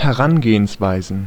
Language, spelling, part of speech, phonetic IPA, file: German, Herangehensweisen, noun, [hɛˈʁanɡeːənsˌvaɪ̯zn̩], De-Herangehensweisen.ogg
- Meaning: plural of Herangehensweise